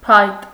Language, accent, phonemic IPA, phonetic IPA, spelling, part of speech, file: Armenian, Eastern Armenian, /pʰɑjt/, [pʰɑjt], փայտ, noun, Hy-փայտ.ogg
- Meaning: 1. wood (material); firewood 2. stick; walking stick, cane; staff